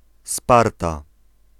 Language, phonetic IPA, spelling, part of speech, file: Polish, [ˈsparta], Sparta, proper noun, Pl-Sparta.ogg